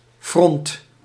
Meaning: front
- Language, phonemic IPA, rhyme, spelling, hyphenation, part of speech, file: Dutch, /frɔnt/, -ɔnt, front, front, noun, Nl-front.ogg